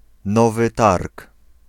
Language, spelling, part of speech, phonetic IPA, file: Polish, Nowy Targ, proper noun, [ˈnɔvɨ ˈtark], Pl-Nowy Targ.ogg